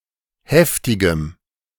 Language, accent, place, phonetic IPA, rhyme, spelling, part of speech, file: German, Germany, Berlin, [ˈhɛftɪɡəm], -ɛftɪɡəm, heftigem, adjective, De-heftigem.ogg
- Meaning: strong dative masculine/neuter singular of heftig